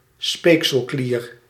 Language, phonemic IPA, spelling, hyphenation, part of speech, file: Dutch, /ˈspeːk.səlˌkliːr/, speekselklier, speek‧sel‧klier, noun, Nl-speekselklier.ogg
- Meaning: salivary gland